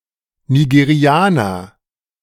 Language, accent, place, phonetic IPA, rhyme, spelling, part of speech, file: German, Germany, Berlin, [niɡeˈʁi̯aːnɐ], -aːnɐ, Nigerianer, noun, De-Nigerianer.ogg
- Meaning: Nigerian, person from Nigeria (of unspecified sex, or specifically male)